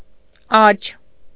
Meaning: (adjective) right, not left; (noun) 1. right, the right side 2. the right hand; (adverb) to the right (of)
- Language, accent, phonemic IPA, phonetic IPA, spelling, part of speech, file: Armenian, Eastern Armenian, /ɑt͡ʃʰ/, [ɑt͡ʃʰ], աջ, adjective / noun / adverb, Hy-աջ.ogg